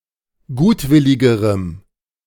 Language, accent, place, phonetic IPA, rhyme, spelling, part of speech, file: German, Germany, Berlin, [ˈɡuːtˌvɪlɪɡəʁəm], -uːtvɪlɪɡəʁəm, gutwilligerem, adjective, De-gutwilligerem.ogg
- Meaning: strong dative masculine/neuter singular comparative degree of gutwillig